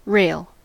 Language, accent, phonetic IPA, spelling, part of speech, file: English, US, [ɹeɪ(ə)ɫ], rail, noun / verb, En-us-rail.ogg
- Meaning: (noun) 1. A horizontal bar extending between supports and used for support or as a barrier; a railing 2. The metal bar forming part of the track for a railroad